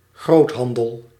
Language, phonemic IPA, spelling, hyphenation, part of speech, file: Dutch, /ˈɣrothɑndəl/, groothandel, groot‧han‧del, noun, Nl-groothandel.ogg
- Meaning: wholesale (business)